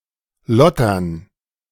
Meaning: to loiter, to indulge
- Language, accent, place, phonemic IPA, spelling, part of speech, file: German, Germany, Berlin, /ˈlɔtɐn/, lottern, verb, De-lottern.ogg